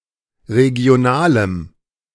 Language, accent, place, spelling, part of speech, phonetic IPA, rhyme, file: German, Germany, Berlin, regionalem, adjective, [ʁeɡi̯oˈnaːləm], -aːləm, De-regionalem.ogg
- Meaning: strong dative masculine/neuter singular of regional